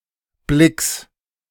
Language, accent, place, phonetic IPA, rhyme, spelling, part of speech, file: German, Germany, Berlin, [blɪks], -ɪks, Blicks, noun, De-Blicks.ogg
- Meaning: genitive singular of Blick